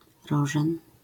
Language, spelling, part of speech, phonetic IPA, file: Polish, rożen, noun, [ˈrɔʒɛ̃n], LL-Q809 (pol)-rożen.wav